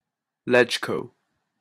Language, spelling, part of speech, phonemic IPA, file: English, LegCo, proper noun, /ˈlɛd͡ʒ.kəʊ/, En-LegCo.opus
- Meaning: Acronym of Legislative Council, the unicameral legislature of the Hong Kong Special Administrative Region of the People's Republic of China